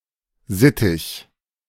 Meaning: 1. parakeet (various species of small parrots) 2. prison slang form of Sittenstrolch, a nonce (a paedophile)
- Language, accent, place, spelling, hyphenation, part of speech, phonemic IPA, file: German, Germany, Berlin, Sittich, Sit‧tich, noun, /ˈzɪtɪç/, De-Sittich.ogg